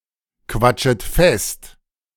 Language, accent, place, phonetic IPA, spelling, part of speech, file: German, Germany, Berlin, [ˌkvat͡ʃət ˈfɛst], quatschet fest, verb, De-quatschet fest.ogg
- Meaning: second-person plural subjunctive I of festquatschen